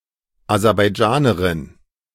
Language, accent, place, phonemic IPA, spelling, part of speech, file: German, Germany, Berlin, /azɛʁbaɪˈd͡ʒaːnəʁɪn/, Aserbaidschanerin, noun, De-Aserbaidschanerin.ogg
- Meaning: Azeri, Azerbaijani (female)